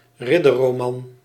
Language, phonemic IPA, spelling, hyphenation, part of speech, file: Dutch, /ˈrɪ.də(r).roːˌmɑn/, ridderroman, rid‧der‧ro‧man, noun, Nl-ridderroman.ogg
- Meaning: a chivalric romance